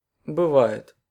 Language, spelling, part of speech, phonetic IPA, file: Russian, бывает, verb, [bɨˈva(j)ɪt], Ru-бывает.ogg
- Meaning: third-person singular present indicative imperfective of быва́ть (byvátʹ)